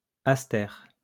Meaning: aster (flowering plant)
- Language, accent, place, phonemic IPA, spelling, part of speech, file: French, France, Lyon, /as.tɛʁ/, aster, noun, LL-Q150 (fra)-aster.wav